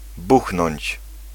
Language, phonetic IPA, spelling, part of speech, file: Polish, [ˈbuxnɔ̃ɲt͡ɕ], buchnąć, verb, Pl-buchnąć.ogg